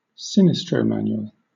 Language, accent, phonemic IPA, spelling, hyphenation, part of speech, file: English, Southern England, /ˈsɪ.nɪs.tɹəʊˌman.jʊ.əl/, sinistromanual, sin‧is‧tro‧man‧u‧al, adjective / noun, LL-Q1860 (eng)-sinistromanual.wav
- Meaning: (adjective) Left-handed; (noun) A person who is left-handed